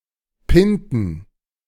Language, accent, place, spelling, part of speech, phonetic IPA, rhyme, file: German, Germany, Berlin, Pinten, noun, [ˈpɪntn̩], -ɪntn̩, De-Pinten.ogg
- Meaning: plural of Pinte